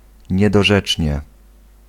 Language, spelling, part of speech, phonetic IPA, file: Polish, niedorzecznie, adverb, [ˌɲɛdɔˈʒɛt͡ʃʲɲɛ], Pl-niedorzecznie.ogg